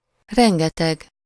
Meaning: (adjective) an enormous amount of, loads of, a great many, extremely much; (noun) huge trackless forest
- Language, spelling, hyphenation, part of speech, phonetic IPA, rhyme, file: Hungarian, rengeteg, ren‧ge‧teg, adjective / noun, [ˈrɛŋɡɛtɛɡ], -ɛɡ, Hu-rengeteg.ogg